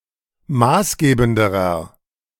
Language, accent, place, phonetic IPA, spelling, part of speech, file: German, Germany, Berlin, [ˈmaːsˌɡeːbn̩dəʁɐ], maßgebenderer, adjective, De-maßgebenderer.ogg
- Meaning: inflection of maßgebend: 1. strong/mixed nominative masculine singular comparative degree 2. strong genitive/dative feminine singular comparative degree 3. strong genitive plural comparative degree